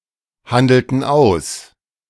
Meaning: inflection of aushandeln: 1. first/third-person plural preterite 2. first/third-person plural subjunctive II
- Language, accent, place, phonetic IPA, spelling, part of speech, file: German, Germany, Berlin, [ˌhandl̩tn̩ ˈaʊ̯s], handelten aus, verb, De-handelten aus.ogg